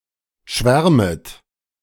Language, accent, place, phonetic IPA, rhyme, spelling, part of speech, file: German, Germany, Berlin, [ˈʃvɛʁmət], -ɛʁmət, schwärmet, verb, De-schwärmet.ogg
- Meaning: second-person plural subjunctive I of schwärmen